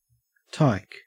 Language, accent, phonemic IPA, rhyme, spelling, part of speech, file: English, Australia, /taɪk/, -aɪk, tyke, noun, En-au-tyke.ogg
- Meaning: 1. A mongrel dog 2. A small child, especially a cheeky or mischievous one